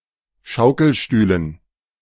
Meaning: dative plural of Schaukelstuhl
- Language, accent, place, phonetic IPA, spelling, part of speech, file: German, Germany, Berlin, [ˈʃaʊ̯kl̩ˌʃtyːlən], Schaukelstühlen, noun, De-Schaukelstühlen.ogg